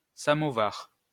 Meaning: samovar
- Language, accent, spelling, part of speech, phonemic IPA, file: French, France, samovar, noun, /sa.mɔ.vaʁ/, LL-Q150 (fra)-samovar.wav